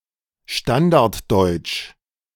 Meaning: Standard German
- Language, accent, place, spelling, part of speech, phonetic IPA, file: German, Germany, Berlin, Standarddeutsch, noun, [ˈʃtandaʁtˌdɔɪ̯t͡ʃ], De-Standarddeutsch.ogg